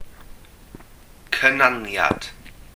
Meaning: 1. articulation 2. pronunciation, enunciation
- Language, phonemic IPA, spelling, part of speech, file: Welsh, /kəˈnanjad/, cynaniad, noun, Cy-cynaniad.ogg